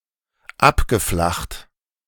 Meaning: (verb) past participle of abflachen; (adjective) 1. flattened 2. levelled 3. oblate
- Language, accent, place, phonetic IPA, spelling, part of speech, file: German, Germany, Berlin, [ˈapɡəˌflaxt], abgeflacht, verb, De-abgeflacht.ogg